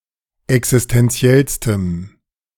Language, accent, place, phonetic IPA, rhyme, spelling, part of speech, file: German, Germany, Berlin, [ɛksɪstɛnˈt͡si̯ɛlstəm], -ɛlstəm, existenziellstem, adjective, De-existenziellstem.ogg
- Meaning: strong dative masculine/neuter singular superlative degree of existenziell